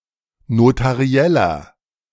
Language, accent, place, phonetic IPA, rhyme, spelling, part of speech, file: German, Germany, Berlin, [notaˈʁi̯ɛlɐ], -ɛlɐ, notarieller, adjective, De-notarieller.ogg
- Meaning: inflection of notariell: 1. strong/mixed nominative masculine singular 2. strong genitive/dative feminine singular 3. strong genitive plural